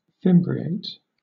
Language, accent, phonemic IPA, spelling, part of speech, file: English, Southern England, /ˈfɪm.bɹi.eɪt/, fimbriate, verb, LL-Q1860 (eng)-fimbriate.wav
- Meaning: 1. To fringe; to hem 2. To apply a thin border (a fimbriation) to some element, often to satisfy the rule of tincture